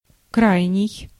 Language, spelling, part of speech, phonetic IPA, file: Russian, крайний, adjective / noun, [ˈkrajnʲɪj], Ru-крайний.ogg
- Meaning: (adjective) 1. outermost 2. extreme, utmost 3. last, most recent; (noun) scapegoat, fall guy